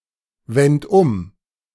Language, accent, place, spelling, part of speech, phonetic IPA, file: German, Germany, Berlin, wend um, verb, [ˌvɛnt ˈʊm], De-wend um.ogg
- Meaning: 1. first-person plural preterite of umwenden 2. third-person plural preterite of umwenden# second-person plural preterite of umwenden# singular imperative of umwenden